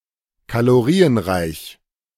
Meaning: high-calorie
- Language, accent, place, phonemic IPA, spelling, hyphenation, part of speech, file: German, Germany, Berlin, /kaloˈʁiːənˌʁaɪ̯ç/, kalorienreich, ka‧lo‧ri‧en‧reich, adjective, De-kalorienreich.ogg